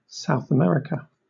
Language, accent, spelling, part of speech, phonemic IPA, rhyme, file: English, Southern England, South America, proper noun, /ˌsaʊθ əˈmɛɹɪkə/, -ɛɹɪkə, LL-Q1860 (eng)-South America.wav
- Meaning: The continent forming the southern part of the Americas; east of the Pacific Ocean, west of the Atlantic Ocean, south of North America and north of Antarctica